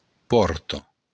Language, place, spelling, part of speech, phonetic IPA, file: Occitan, Béarn, pòrta, noun, [ˈpɔrto], LL-Q14185 (oci)-pòrta.wav
- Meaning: door